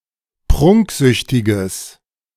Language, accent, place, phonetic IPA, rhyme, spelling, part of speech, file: German, Germany, Berlin, [ˈpʁʊŋkˌzʏçtɪɡəs], -ʊŋkzʏçtɪɡəs, prunksüchtiges, adjective, De-prunksüchtiges.ogg
- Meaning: strong/mixed nominative/accusative neuter singular of prunksüchtig